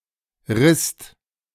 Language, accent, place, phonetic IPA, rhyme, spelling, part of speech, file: German, Germany, Berlin, [ʁɪst], -ɪst, risst, verb, De-risst.ogg
- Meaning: second-person singular/plural preterite of reißen